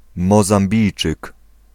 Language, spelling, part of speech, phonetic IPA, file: Polish, Mozambijczyk, noun, [ˌmɔzãmˈbʲijt͡ʃɨk], Pl-Mozambijczyk.ogg